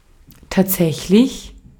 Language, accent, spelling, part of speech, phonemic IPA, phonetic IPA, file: German, Austria, tatsächlich, adjective / adverb / interjection, /taːtˈzɛçlɪç/, [ˈtaːd͡zɛçlɪç], De-at-tatsächlich.ogg
- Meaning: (adjective) actual, real, factual; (adverb) actually, really, indeed; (interjection) really?, indeed?